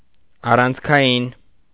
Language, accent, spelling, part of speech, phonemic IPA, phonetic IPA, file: Armenian, Eastern Armenian, առանցքային, adjective, /ɑrɑnt͡sʰkʰɑˈjin/, [ɑrɑnt͡sʰkʰɑjín], Hy-առանցքային.ogg
- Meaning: 1. axial, pivotal 2. main, pivotal, crucial